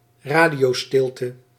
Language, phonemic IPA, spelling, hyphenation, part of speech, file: Dutch, /ˈraː.di.oːˌstɪl.tə/, radiostilte, ra‧dio‧stil‧te, noun, Nl-radiostilte.ogg
- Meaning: 1. radio silence (cessation of radio communication) 2. radio silence (absence of any communication)